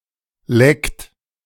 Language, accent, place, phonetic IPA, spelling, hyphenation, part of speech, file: German, Germany, Berlin, [lɛkt], Lekt, Lekt, noun, De-Lekt.ogg
- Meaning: lect